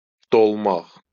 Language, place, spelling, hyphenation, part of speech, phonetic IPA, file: Azerbaijani, Baku, dolmaq, dol‧maq, verb, [doɫˈmɑx], LL-Q9292 (aze)-dolmaq.wav
- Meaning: to become full, to fill